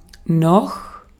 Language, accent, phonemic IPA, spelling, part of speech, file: German, Austria, /no/, noch, adverb / conjunction, De-at-noch.ogg
- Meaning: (adverb) 1. still, yet (up to and including a given time) 2. still, eventually, sometime (at an unspecified time in the future)